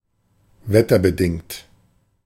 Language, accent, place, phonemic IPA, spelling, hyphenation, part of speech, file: German, Germany, Berlin, /ˈvɛtɐbəˌdɪŋt/, wetterbedingt, wet‧ter‧be‧dingt, adjective, De-wetterbedingt.ogg
- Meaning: caused by the weather